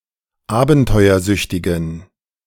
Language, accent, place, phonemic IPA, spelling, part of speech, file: German, Germany, Berlin, /ˈaːbn̩tɔɪ̯ɐˌzʏçtɪɡn̩/, abenteuersüchtigen, adjective, De-abenteuersüchtigen.ogg
- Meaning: inflection of abenteuersüchtig: 1. strong genitive masculine/neuter singular 2. weak/mixed genitive/dative all-gender singular 3. strong/weak/mixed accusative masculine singular